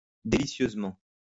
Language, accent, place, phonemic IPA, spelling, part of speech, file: French, France, Lyon, /de.li.sjøz.mɑ̃/, délicieusement, adverb, LL-Q150 (fra)-délicieusement.wav
- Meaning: deliciously